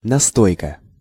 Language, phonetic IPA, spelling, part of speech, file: Russian, [nɐˈstojkə], настойка, noun, Ru-настойка.ogg
- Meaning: 1. liqueur, nastoyka 2. tincture